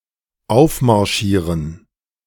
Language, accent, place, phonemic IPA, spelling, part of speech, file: German, Germany, Berlin, /ˌaʊ̯fmaʁˈʃiːʁən/, aufmarschieren, verb, De-aufmarschieren.ogg
- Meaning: to march up, to be deployed